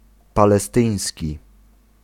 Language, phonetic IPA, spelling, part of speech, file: Polish, [ˌpalɛˈstɨ̃j̃sʲci], palestyński, adjective, Pl-palestyński.ogg